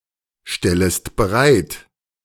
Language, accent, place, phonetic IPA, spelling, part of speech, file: German, Germany, Berlin, [ˌʃtɛləst bəˈʁaɪ̯t], stellest bereit, verb, De-stellest bereit.ogg
- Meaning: second-person singular subjunctive I of bereitstellen